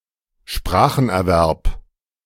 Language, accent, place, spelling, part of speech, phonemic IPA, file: German, Germany, Berlin, Spracherwerb, noun, /ˈʃpʁaːx.ɛɐ̯ˌvɛʁp/, De-Spracherwerb.ogg
- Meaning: language acquisition